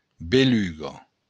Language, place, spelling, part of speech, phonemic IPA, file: Occitan, Béarn, beluga, noun, /beˈlu.ɡa/, LL-Q14185 (oci)-beluga.wav
- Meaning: 1. spark 2. flash